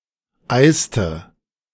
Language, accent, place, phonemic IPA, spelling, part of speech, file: German, Germany, Berlin, /ˈʔaɪ̯stə/, eiste, verb, De-eiste.ogg
- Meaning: inflection of eisen: 1. first/third-person singular preterite 2. first/third-person singular subjunctive II